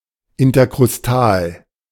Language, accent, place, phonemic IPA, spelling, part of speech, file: German, Germany, Berlin, /ˌɪntɐkʁʊsˈtaːl/, interkrustal, adjective, De-interkrustal.ogg
- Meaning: intercrustal